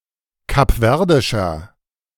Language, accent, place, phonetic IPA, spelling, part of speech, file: German, Germany, Berlin, [kapˈvɛʁdɪʃɐ], kapverdischer, adjective, De-kapverdischer.ogg
- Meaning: inflection of kapverdisch: 1. strong/mixed nominative masculine singular 2. strong genitive/dative feminine singular 3. strong genitive plural